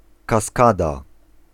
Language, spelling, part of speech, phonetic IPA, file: Polish, kaskada, noun, [kaˈskada], Pl-kaskada.ogg